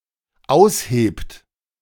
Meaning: inflection of ausheben: 1. third-person singular dependent present 2. second-person plural dependent present
- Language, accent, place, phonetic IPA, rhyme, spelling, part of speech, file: German, Germany, Berlin, [ˈaʊ̯sˌheːpt], -aʊ̯sheːpt, aushebt, verb, De-aushebt.ogg